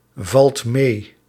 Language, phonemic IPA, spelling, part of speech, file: Dutch, /ˈvɑlt ˈme/, valt mee, verb, Nl-valt mee.ogg
- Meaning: inflection of meevallen: 1. second/third-person singular present indicative 2. plural imperative